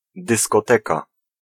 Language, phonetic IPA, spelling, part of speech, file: Polish, [ˌdɨskɔˈtɛka], dyskoteka, noun, Pl-dyskoteka.ogg